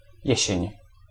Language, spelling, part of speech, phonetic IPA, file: Polish, jesień, noun, [ˈjɛ̇ɕɛ̇̃ɲ], Pl-jesień.ogg